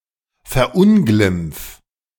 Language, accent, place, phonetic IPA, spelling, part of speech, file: German, Germany, Berlin, [fɛɐ̯ˈʔʊnɡlɪmp͡f], verunglimpf, verb, De-verunglimpf.ogg
- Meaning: 1. singular imperative of verunglimpfen 2. first-person singular present of verunglimpfen